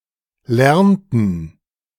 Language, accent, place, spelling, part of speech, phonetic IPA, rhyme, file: German, Germany, Berlin, lernten, verb, [ˈlɛʁntn̩], -ɛʁntn̩, De-lernten.ogg
- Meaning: inflection of lernen: 1. first/third-person plural preterite 2. first/third-person plural subjunctive II